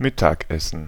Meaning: lunch
- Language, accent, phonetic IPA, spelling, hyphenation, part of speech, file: German, Germany, [ˈmɪtakʔɛsn̩], Mittagessen, Mit‧tag‧es‧sen, noun, De-Mittagessen.ogg